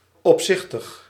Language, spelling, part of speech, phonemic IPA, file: Dutch, opzichtig, adjective, /ɔpˈsɪxtəx/, Nl-opzichtig.ogg
- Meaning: pretentious, tawdry